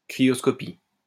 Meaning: cryoscopy (all senses)
- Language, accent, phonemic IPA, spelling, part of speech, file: French, France, /kʁi.jɔs.kɔ.pi/, cryoscopie, noun, LL-Q150 (fra)-cryoscopie.wav